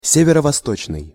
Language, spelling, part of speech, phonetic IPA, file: Russian, северо-восточный, adjective, [ˌsʲevʲɪrə vɐˈstot͡ɕnɨj], Ru-северо-восточный.ogg
- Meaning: 1. northeast, northeastern 2. northeasterly